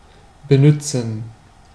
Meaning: alternative form of benutzen
- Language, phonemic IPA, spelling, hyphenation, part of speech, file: German, /bəˈnʏtsən/, benützen, be‧nüt‧zen, verb, De-benützen.ogg